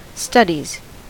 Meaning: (noun) 1. plural of study 2. An academic field of study concerning the given subject; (verb) third-person singular simple present indicative of study
- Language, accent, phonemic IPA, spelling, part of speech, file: English, US, /ˈstʌdiz/, studies, noun / verb, En-us-studies.ogg